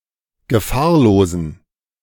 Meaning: inflection of gefahrlos: 1. strong genitive masculine/neuter singular 2. weak/mixed genitive/dative all-gender singular 3. strong/weak/mixed accusative masculine singular 4. strong dative plural
- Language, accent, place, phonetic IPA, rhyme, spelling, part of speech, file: German, Germany, Berlin, [ɡəˈfaːɐ̯loːzn̩], -aːɐ̯loːzn̩, gefahrlosen, adjective, De-gefahrlosen.ogg